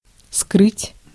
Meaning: 1. to hide, to conceal 2. to dissemble, to keep back 3. to keep secret
- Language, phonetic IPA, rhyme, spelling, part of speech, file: Russian, [skrɨtʲ], -ɨtʲ, скрыть, verb, Ru-скрыть.ogg